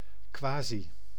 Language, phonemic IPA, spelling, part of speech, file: Dutch, /ˈkʋaːzi/, quasi, adverb, Nl-quasi.ogg
- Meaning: quasi